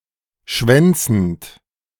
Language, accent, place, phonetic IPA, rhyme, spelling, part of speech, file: German, Germany, Berlin, [ˈʃvɛnt͡sn̩t], -ɛnt͡sn̩t, schwänzend, verb, De-schwänzend.ogg
- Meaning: present participle of schwänzen